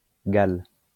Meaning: a unit of acceleration equal to one centimetre per second per second
- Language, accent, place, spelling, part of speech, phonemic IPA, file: French, France, Lyon, gal, noun, /ɡal/, LL-Q150 (fra)-gal.wav